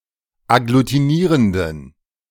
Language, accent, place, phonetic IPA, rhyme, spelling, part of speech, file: German, Germany, Berlin, [aɡlutiˈniːʁəndn̩], -iːʁəndn̩, agglutinierenden, adjective, De-agglutinierenden.ogg
- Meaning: inflection of agglutinierend: 1. strong genitive masculine/neuter singular 2. weak/mixed genitive/dative all-gender singular 3. strong/weak/mixed accusative masculine singular 4. strong dative plural